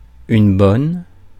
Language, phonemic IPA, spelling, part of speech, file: French, /bɔn/, bonne, adjective / noun, Fr-bonne.ogg
- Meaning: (adjective) feminine singular of bon; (noun) maid